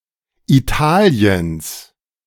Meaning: genitive of Italien
- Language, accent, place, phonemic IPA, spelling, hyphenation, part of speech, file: German, Germany, Berlin, /iˈtaːli̯əns/, Italiens, Ita‧li‧ens, proper noun, De-Italiens.ogg